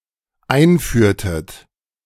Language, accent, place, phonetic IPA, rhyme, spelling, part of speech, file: German, Germany, Berlin, [ˈaɪ̯nˌfyːɐ̯tət], -aɪ̯nfyːɐ̯tət, einführtet, verb, De-einführtet.ogg
- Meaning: inflection of einführen: 1. second-person plural dependent preterite 2. second-person plural dependent subjunctive II